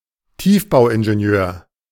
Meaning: civil engineer
- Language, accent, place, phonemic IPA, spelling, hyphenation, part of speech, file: German, Germany, Berlin, /ˈtiːfbaʊ̯ʔɪnʒeˌni̯øːɐ̯/, Tiefbauingenieur, Tief‧bau‧in‧ge‧ni‧eur, noun, De-Tiefbauingenieur.ogg